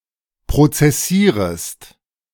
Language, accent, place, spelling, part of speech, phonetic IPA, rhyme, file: German, Germany, Berlin, prozessierest, verb, [pʁot͡sɛˈsiːʁəst], -iːʁəst, De-prozessierest.ogg
- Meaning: second-person singular subjunctive I of prozessieren